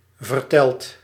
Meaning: inflection of vertellen: 1. second/third-person singular present indicative 2. plural imperative
- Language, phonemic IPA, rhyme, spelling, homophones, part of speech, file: Dutch, /vərˈtɛlt/, -ɛlt, vertelt, verteld, verb, Nl-vertelt.ogg